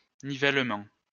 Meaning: leveling out, leveling
- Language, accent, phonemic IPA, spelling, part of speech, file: French, France, /ni.vɛl.mɑ̃/, nivellement, noun, LL-Q150 (fra)-nivellement.wav